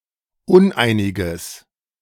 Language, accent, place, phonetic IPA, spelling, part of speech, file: German, Germany, Berlin, [ˈʊnˌʔaɪ̯nɪɡəs], uneiniges, adjective, De-uneiniges.ogg
- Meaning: strong/mixed nominative/accusative neuter singular of uneinig